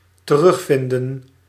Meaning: to retrieve
- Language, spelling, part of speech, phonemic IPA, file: Dutch, terugvinden, verb, /t(ə)ˈrʏxfɪndə(n)/, Nl-terugvinden.ogg